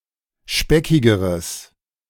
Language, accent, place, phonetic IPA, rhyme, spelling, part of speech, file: German, Germany, Berlin, [ˈʃpɛkɪɡəʁəs], -ɛkɪɡəʁəs, speckigeres, adjective, De-speckigeres.ogg
- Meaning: strong/mixed nominative/accusative neuter singular comparative degree of speckig